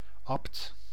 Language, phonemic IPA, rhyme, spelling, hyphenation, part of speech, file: Dutch, /ɑpt/, -ɑpt, abt, abt, noun, Nl-abt.ogg
- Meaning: an abbot, monastic superior of an abbey